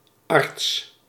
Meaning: physician, doctor
- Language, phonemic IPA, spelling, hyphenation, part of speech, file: Dutch, /ɑrts/, arts, arts, noun, Nl-arts.ogg